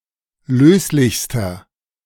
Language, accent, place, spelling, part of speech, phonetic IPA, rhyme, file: German, Germany, Berlin, löslichster, adjective, [ˈløːslɪçstɐ], -øːslɪçstɐ, De-löslichster.ogg
- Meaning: inflection of löslich: 1. strong/mixed nominative masculine singular superlative degree 2. strong genitive/dative feminine singular superlative degree 3. strong genitive plural superlative degree